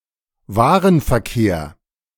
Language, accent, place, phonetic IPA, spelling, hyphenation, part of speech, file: German, Germany, Berlin, [ˈvaːʁənfɛɐ̯ˌkeːɐ̯], Warenverkehr, Wa‧ren‧ver‧kehr, noun, De-Warenverkehr.ogg
- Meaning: movement of goods, merchandise traffic